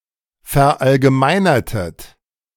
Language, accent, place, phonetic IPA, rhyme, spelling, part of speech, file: German, Germany, Berlin, [fɛɐ̯ʔalɡəˈmaɪ̯nɐtət], -aɪ̯nɐtət, verallgemeinertet, verb, De-verallgemeinertet.ogg
- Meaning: inflection of verallgemeinern: 1. second-person plural preterite 2. second-person plural subjunctive II